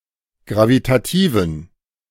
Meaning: inflection of gravitativ: 1. strong genitive masculine/neuter singular 2. weak/mixed genitive/dative all-gender singular 3. strong/weak/mixed accusative masculine singular 4. strong dative plural
- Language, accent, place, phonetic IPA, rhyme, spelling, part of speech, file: German, Germany, Berlin, [ˌɡʁavitaˈtiːvn̩], -iːvn̩, gravitativen, adjective, De-gravitativen.ogg